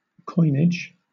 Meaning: 1. The process of coining money 2. Coins taken collectively; currency 3. The creation of new words, neologizing 4. Something which has been made or invented, especially a coined word; a neologism
- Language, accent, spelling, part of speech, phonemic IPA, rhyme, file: English, Southern England, coinage, noun, /ˈkɔɪnɪd͡ʒ/, -ɔɪnɪdʒ, LL-Q1860 (eng)-coinage.wav